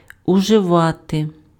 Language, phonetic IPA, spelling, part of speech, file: Ukrainian, [ʊʒeˈʋate], уживати, verb, Uk-уживати.ogg
- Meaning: 1. to use, to make use of 2. to take, to use (:drugs, tobacco, etc.) 3. to consume (:food, drink)